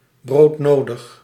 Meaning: essential, badly needed
- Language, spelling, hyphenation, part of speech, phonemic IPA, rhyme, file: Dutch, broodnodig, brood‧no‧dig, adjective, /ˌbroːtˈnoː.dəx/, -oːdəx, Nl-broodnodig.ogg